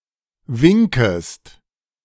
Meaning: second-person singular subjunctive I of winken
- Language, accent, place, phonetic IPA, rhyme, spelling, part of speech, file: German, Germany, Berlin, [ˈvɪŋkəst], -ɪŋkəst, winkest, verb, De-winkest.ogg